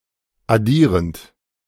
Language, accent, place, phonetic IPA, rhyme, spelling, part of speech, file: German, Germany, Berlin, [aˈdiːʁənt], -iːʁənt, addierend, verb, De-addierend.ogg
- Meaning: present participle of addieren